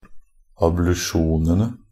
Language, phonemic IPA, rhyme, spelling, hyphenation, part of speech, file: Norwegian Bokmål, /ablʉˈʃuːnənə/, -ənə, ablusjonene, ab‧lu‧sjo‧ne‧ne, noun, NB - Pronunciation of Norwegian Bokmål «ablusjonene».ogg
- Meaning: definite plural of ablusjon